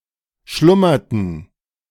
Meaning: inflection of schlummern: 1. first/third-person plural preterite 2. first/third-person plural subjunctive II
- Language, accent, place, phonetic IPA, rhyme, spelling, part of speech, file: German, Germany, Berlin, [ˈʃlʊmɐtn̩], -ʊmɐtn̩, schlummerten, verb, De-schlummerten.ogg